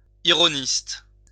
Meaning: ironist
- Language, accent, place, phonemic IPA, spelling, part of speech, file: French, France, Lyon, /i.ʁɔ.nist/, ironiste, noun, LL-Q150 (fra)-ironiste.wav